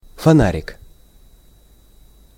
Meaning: 1. diminutive of фона́рь (fonárʹ): (small) lantern, (small) flashlight 2. torch, flashlight; headlamp, handlamp
- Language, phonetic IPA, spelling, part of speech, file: Russian, [fɐˈnarʲɪk], фонарик, noun, Ru-фонарик.ogg